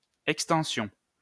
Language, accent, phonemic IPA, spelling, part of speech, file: French, France, /ɛk.stɑ̃.sjɔ̃/, extension, noun, LL-Q150 (fra)-extension.wav
- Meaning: 1. extension 2. semantic widening